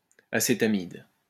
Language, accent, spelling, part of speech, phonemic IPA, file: French, France, acétamide, noun, /a.se.ta.mid/, LL-Q150 (fra)-acétamide.wav
- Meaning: acetamide